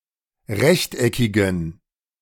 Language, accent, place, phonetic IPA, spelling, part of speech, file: German, Germany, Berlin, [ˈʁɛçtʔɛkɪɡn̩], rechteckigen, adjective, De-rechteckigen.ogg
- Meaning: inflection of rechteckig: 1. strong genitive masculine/neuter singular 2. weak/mixed genitive/dative all-gender singular 3. strong/weak/mixed accusative masculine singular 4. strong dative plural